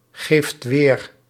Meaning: inflection of weergeven: 1. second/third-person singular present indicative 2. plural imperative
- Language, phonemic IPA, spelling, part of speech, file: Dutch, /ˈɣeft ˈwer/, geeft weer, verb, Nl-geeft weer.ogg